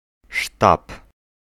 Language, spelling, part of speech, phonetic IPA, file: Polish, sztab, noun, [ʃtap], Pl-sztab.ogg